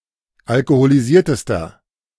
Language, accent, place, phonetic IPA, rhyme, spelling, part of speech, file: German, Germany, Berlin, [alkoholiˈziːɐ̯təstɐ], -iːɐ̯təstɐ, alkoholisiertester, adjective, De-alkoholisiertester.ogg
- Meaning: inflection of alkoholisiert: 1. strong/mixed nominative masculine singular superlative degree 2. strong genitive/dative feminine singular superlative degree